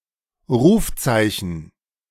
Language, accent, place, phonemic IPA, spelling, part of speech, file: German, Germany, Berlin, /ˈʁuːfˌt͡saɪ̯çn̩/, Rufzeichen, noun, De-Rufzeichen.ogg
- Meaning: 1. dial tone 2. call sign (of a transmitter station) 3. call sign 4. exclamation mark